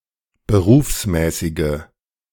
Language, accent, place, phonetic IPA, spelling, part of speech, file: German, Germany, Berlin, [bəˈʁuːfsˌmɛːsɪɡə], berufsmäßige, adjective, De-berufsmäßige.ogg
- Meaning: inflection of berufsmäßig: 1. strong/mixed nominative/accusative feminine singular 2. strong nominative/accusative plural 3. weak nominative all-gender singular